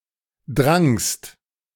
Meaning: second-person singular preterite of dringen
- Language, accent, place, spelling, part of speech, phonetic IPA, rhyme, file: German, Germany, Berlin, drangst, verb, [dʁaŋst], -aŋst, De-drangst.ogg